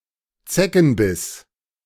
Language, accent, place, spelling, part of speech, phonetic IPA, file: German, Germany, Berlin, Zeckenbiss, noun, [ˈt͡sɛkn̩ˌbɪs], De-Zeckenbiss.ogg
- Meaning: tick bite